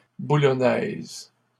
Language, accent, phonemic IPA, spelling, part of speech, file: French, Canada, /bu.lɔ.nɛz/, boulonnaise, adjective, LL-Q150 (fra)-boulonnaise.wav
- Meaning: feminine singular of boulonnais